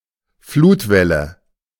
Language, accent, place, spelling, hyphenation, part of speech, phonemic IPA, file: German, Germany, Berlin, Flutwelle, Flut‧wel‧le, noun, /ˈfluːtˌvɛlə/, De-Flutwelle.ogg
- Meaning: tidal wave (tsunami)